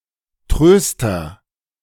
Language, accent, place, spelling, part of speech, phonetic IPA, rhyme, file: German, Germany, Berlin, Tröster, noun, [ˈtʁøːstɐ], -øːstɐ, De-Tröster.ogg
- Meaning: consoler